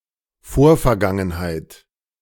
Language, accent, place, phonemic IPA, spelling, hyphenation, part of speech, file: German, Germany, Berlin, /ˈfoːrferˌɡaŋənhaɪ̯t/, Vorvergangenheit, Vor‧ver‧gan‧gen‧heit, noun, De-Vorvergangenheit.ogg
- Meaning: 1. a more distant past as seen from a more recent past 2. synonym of Plusquamperfekt (“the pluperfect as a specific verbal tense”)